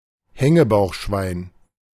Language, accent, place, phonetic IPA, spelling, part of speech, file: German, Germany, Berlin, [ˈhɛŋəbaʊ̯xˌʃvaɪ̯n], Hängebauchschwein, noun, De-Hängebauchschwein.ogg
- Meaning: potbellied pig